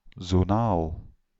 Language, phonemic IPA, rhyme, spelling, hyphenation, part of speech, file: Dutch, /zoːˈnaːl/, -aːl, zonaal, zo‧naal, adjective, Nl-zonaal.ogg
- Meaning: zonal